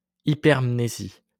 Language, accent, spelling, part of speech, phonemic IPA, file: French, France, hypermnésie, noun, /i.pɛʁm.ne.zi/, LL-Q150 (fra)-hypermnésie.wav
- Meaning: hypermnesia